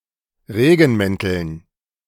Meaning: dative plural of Regenmantel
- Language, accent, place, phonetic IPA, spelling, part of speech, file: German, Germany, Berlin, [ˈʁeːɡn̩ˌmɛntl̩n], Regenmänteln, noun, De-Regenmänteln.ogg